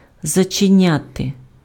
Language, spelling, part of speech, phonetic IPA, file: Ukrainian, зачиняти, verb, [zɐt͡ʃeˈnʲate], Uk-зачиняти.ogg
- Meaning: to close, to shut (:a door, a window)